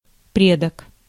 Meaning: 1. forefather, ancestor 2. parent
- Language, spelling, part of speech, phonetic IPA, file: Russian, предок, noun, [ˈprʲedək], Ru-предок.ogg